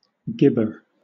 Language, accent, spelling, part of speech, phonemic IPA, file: English, Southern England, gibber, noun, /ˈɡɪbə/, LL-Q1860 (eng)-gibber.wav
- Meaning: 1. A stone or rock, of chalcedony or similar mineral, found strewn over arid regions of inland Australia; a gibber stone 2. Any small rock or stone, especially one used for throwing